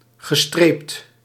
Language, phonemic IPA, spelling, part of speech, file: Dutch, /ɣəˈstrept/, gestreept, adjective / verb, Nl-gestreept.ogg
- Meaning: striped